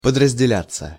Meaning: 1. to subdivide (into) 2. passive of подразделя́ть (podrazdeljátʹ)
- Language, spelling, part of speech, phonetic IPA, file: Russian, подразделяться, verb, [pədrəzʲdʲɪˈlʲat͡sːə], Ru-подразделяться.ogg